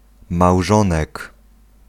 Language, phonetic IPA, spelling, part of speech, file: Polish, [mawˈʒɔ̃nɛk], małżonek, noun, Pl-małżonek.ogg